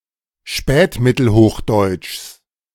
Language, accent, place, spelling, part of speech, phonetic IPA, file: German, Germany, Berlin, Spätmittelhochdeutschs, noun, [ˈʃpɛːtmɪtl̩ˌhoːxdɔɪ̯t͡ʃs], De-Spätmittelhochdeutschs.ogg
- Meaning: genitive singular of Spätmittelhochdeutsch